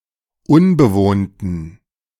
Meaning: inflection of unbewohnt: 1. strong genitive masculine/neuter singular 2. weak/mixed genitive/dative all-gender singular 3. strong/weak/mixed accusative masculine singular 4. strong dative plural
- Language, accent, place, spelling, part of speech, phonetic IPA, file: German, Germany, Berlin, unbewohnten, adjective, [ˈʊnbəˌvoːntn̩], De-unbewohnten.ogg